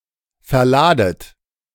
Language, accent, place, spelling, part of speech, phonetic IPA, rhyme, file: German, Germany, Berlin, verladet, verb, [fɛɐ̯ˈlaːdət], -aːdət, De-verladet.ogg
- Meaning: inflection of verladen: 1. second-person plural present 2. second-person plural subjunctive I 3. plural imperative